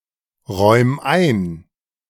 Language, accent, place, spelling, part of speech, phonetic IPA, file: German, Germany, Berlin, räum ein, verb, [ˌʁɔɪ̯m ˈaɪ̯n], De-räum ein.ogg
- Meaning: 1. singular imperative of einräumen 2. first-person singular present of einräumen